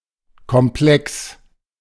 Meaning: complex
- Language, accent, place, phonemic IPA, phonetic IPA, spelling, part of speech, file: German, Germany, Berlin, /kɔmˈplɛks/, [kʰɔmˈplɛks], Komplex, noun, De-Komplex.ogg